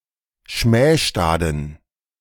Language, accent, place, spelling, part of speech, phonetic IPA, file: German, Germany, Berlin, schmähstaden, adjective, [ˈʃmɛːʃtaːdn̩], De-schmähstaden.ogg
- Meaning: inflection of schmähstad: 1. strong genitive masculine/neuter singular 2. weak/mixed genitive/dative all-gender singular 3. strong/weak/mixed accusative masculine singular 4. strong dative plural